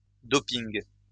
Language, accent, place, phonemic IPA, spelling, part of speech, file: French, France, Lyon, /dɔ.piŋ/, doping, noun, LL-Q150 (fra)-doping.wav
- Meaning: doping (use of drugs to improve athletic performance)